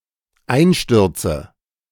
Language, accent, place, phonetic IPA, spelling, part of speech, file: German, Germany, Berlin, [ˈaɪ̯nˌʃtʏʁt͡sə], Einstürze, noun, De-Einstürze.ogg
- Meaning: nominative/accusative/genitive plural of Einsturz